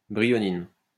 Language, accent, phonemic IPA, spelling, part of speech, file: French, France, /bʁi.jɔ.nin/, brionine, noun, LL-Q150 (fra)-brionine.wav
- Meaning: bryonin